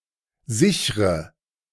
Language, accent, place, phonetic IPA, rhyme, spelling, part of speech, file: German, Germany, Berlin, [ˈzɪçʁə], -ɪçʁə, sichre, verb, De-sichre.ogg
- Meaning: inflection of sichern: 1. first-person singular present 2. first/third-person singular subjunctive I 3. singular imperative